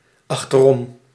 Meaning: 1. around 2. behind, backwards (over the shoulder)
- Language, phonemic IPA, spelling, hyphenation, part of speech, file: Dutch, /ˌɑx.təˈrɔm/, achterom, ach‧ter‧om, adverb, Nl-achterom.ogg